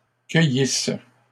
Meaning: third-person plural imperfect subjunctive of cueillir
- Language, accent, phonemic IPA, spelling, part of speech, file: French, Canada, /kœ.jis/, cueillissent, verb, LL-Q150 (fra)-cueillissent.wav